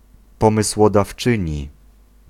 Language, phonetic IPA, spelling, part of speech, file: Polish, [ˌpɔ̃mɨswɔdafˈt͡ʃɨ̃ɲi], pomysłodawczyni, noun, Pl-pomysłodawczyni.ogg